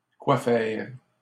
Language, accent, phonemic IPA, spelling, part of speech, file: French, Canada, /kwa fɛʁ/, quoi faire, adverb, LL-Q150 (fra)-quoi faire.wav
- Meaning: why, how come, what for